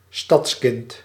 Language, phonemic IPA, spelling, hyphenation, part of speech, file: Dutch, /ˈstɑtskɪnt/, stadskind, stads‧kind, noun, Nl-stadskind.ogg
- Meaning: city child: child that comes from the city